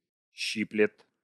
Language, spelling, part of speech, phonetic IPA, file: Russian, щиплет, verb, [ˈɕːiplʲɪt], Ru-щиплет.ogg
- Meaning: third-person singular present indicative imperfective of щипа́ть (ščipátʹ)